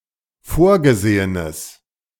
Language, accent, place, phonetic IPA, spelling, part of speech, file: German, Germany, Berlin, [ˈfoːɐ̯ɡəˌzeːənəs], vorgesehenes, adjective, De-vorgesehenes.ogg
- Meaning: strong/mixed nominative/accusative neuter singular of vorgesehen